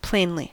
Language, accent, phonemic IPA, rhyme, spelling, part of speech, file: English, US, /ˈpleɪnli/, -eɪnli, plainly, adverb, En-us-plainly.ogg
- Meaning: 1. In a plain manner; simply; basically 2. Obviously; clearly